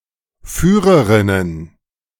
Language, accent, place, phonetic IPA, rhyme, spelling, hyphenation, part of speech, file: German, Germany, Berlin, [ˈfyːʁəʁɪnən], -yːʁəʁɪnən, Führerinnen, Füh‧re‧rin‧nen, noun, De-Führerinnen.ogg
- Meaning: nominative/genitive/dative/accusative plural of Führerin